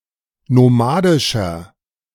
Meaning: inflection of nomadisch: 1. strong/mixed nominative masculine singular 2. strong genitive/dative feminine singular 3. strong genitive plural
- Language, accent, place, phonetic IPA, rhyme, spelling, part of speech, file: German, Germany, Berlin, [noˈmaːdɪʃɐ], -aːdɪʃɐ, nomadischer, adjective, De-nomadischer.ogg